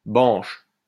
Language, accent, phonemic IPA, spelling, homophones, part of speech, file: French, France, /bɑ̃ʃ/, banche, banchent / banches, noun / verb, LL-Q150 (fra)-banche.wav
- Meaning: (noun) 1. a bank of marl clay 2. formwork; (verb) inflection of bancher: 1. first/third-person singular present indicative/subjunctive 2. second-person singular imperative